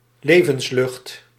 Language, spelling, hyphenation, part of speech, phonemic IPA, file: Dutch, levenslucht, le‧vens‧lucht, noun, /ˈleː.vənsˌlʏxt/, Nl-levenslucht.ogg
- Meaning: 1. oxygen 2. air, considered as life-giving 3. breath